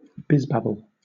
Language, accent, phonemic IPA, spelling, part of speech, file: English, Southern England, /ˈbɪzbæbəl/, bizbabble, noun, LL-Q1860 (eng)-bizbabble.wav
- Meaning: Meaningless verbiage or jargon of business executives